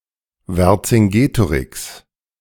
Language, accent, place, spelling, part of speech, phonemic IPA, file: German, Germany, Berlin, Vercingetorix, proper noun, /ˌvɛrtsɪŋˈɡeːtoˌrɪks/, De-Vercingetorix.ogg
- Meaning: Vercingetorix (Gaulish chieftain)